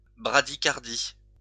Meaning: bradycardia
- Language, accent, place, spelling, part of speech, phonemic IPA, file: French, France, Lyon, bradycardie, noun, /bʁa.di.kaʁ.di/, LL-Q150 (fra)-bradycardie.wav